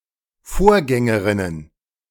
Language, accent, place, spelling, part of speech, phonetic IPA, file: German, Germany, Berlin, Vorgängerinnen, noun, [ˈfoːɐ̯ˌɡɛŋəʁɪnən], De-Vorgängerinnen.ogg
- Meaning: plural of Vorgängerin